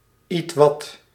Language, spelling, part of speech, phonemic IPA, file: Dutch, ietwat, adverb, /ˈitwɑt/, Nl-ietwat.ogg
- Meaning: somewhat